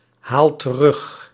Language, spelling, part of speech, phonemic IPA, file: Dutch, haalt terug, verb, /ˈhalt t(ə)ˈrʏx/, Nl-haalt terug.ogg
- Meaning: inflection of terughalen: 1. second/third-person singular present indicative 2. plural imperative